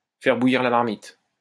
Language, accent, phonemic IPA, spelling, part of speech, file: French, France, /fɛʁ bu.jiʁ la maʁ.mit/, faire bouillir la marmite, verb, LL-Q150 (fra)-faire bouillir la marmite.wav
- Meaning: to put food on the table, to pay the bills, to pay the rent